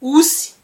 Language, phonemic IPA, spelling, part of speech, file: Malagasy, /usʲ/, osy, noun, Mg-osy.ogg
- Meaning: goat